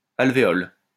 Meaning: 1. alveolus 2. cell (in honeycomb), alveolus (of beehive) 3. cavity (in rock) 4. carton (of eggs)
- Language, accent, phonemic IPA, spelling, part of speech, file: French, France, /al.ve.ɔl/, alvéole, noun, LL-Q150 (fra)-alvéole.wav